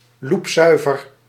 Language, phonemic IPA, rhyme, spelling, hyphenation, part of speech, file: Dutch, /ˌlupˈsœy̯.vər/, -œy̯vər, loepzuiver, loep‧zui‧ver, adjective, Nl-loepzuiver.ogg
- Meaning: 1. perfectly clear, crystal clear (fully transparent without impurities) 2. perfectly in tune